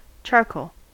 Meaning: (noun) 1. impure carbon obtained by destructive distillation of wood or other organic matter, that is, heating it in the absence of oxygen 2. A stick of black carbon material used for drawing
- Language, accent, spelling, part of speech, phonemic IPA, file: English, US, charcoal, noun / adjective / verb, /ˈt͡ʃɑɹ.koʊl/, En-us-charcoal.ogg